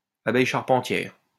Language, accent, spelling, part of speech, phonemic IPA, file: French, France, abeille charpentière, noun, /a.bɛj ʃaʁ.pɑ̃.tjɛʁ/, LL-Q150 (fra)-abeille charpentière.wav
- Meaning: carpenter bee